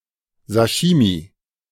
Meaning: sashimi
- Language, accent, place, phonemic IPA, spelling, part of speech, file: German, Germany, Berlin, /ˈsaʃimiː/, Sashimi, noun, De-Sashimi.ogg